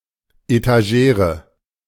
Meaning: 1. etagere (piece of furniture with open shelves for displaying ornaments) 2. etagere (three tiers of plates suspended by a rod)
- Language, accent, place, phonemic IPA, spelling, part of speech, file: German, Germany, Berlin, /etaˈʒeːrə/, Etagere, noun, De-Etagere.ogg